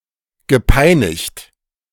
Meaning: past participle of peinigen
- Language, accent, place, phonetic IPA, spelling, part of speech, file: German, Germany, Berlin, [ɡəˈpaɪ̯.nɪçt], gepeinigt, verb, De-gepeinigt.ogg